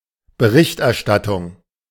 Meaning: 1. reporting, reportage 2. the result of reporting; coverage, reportage
- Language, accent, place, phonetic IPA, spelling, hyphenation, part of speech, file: German, Germany, Berlin, [bəˈʁɪçtʔɛɐ̯ˌʃtatʊŋ], Berichterstattung, Be‧richt‧er‧stat‧tung, noun, De-Berichterstattung.ogg